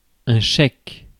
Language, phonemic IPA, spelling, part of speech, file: French, /ʃɛk/, chèque, noun, Fr-chèque.ogg
- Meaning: cheque